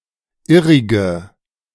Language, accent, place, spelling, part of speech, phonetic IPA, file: German, Germany, Berlin, irrige, adjective, [ˈɪʁɪɡə], De-irrige.ogg
- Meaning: inflection of irrig: 1. strong/mixed nominative/accusative feminine singular 2. strong nominative/accusative plural 3. weak nominative all-gender singular 4. weak accusative feminine/neuter singular